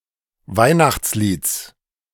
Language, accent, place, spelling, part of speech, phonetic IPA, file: German, Germany, Berlin, Weihnachtslieds, noun, [ˈvaɪ̯naxt͡sˌliːt͡s], De-Weihnachtslieds.ogg
- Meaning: genitive singular of Weihnachtslied